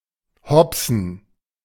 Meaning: to hop; to lollop; to dance awkwardly
- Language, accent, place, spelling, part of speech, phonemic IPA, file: German, Germany, Berlin, hopsen, verb, /ˈhɔpsən/, De-hopsen.ogg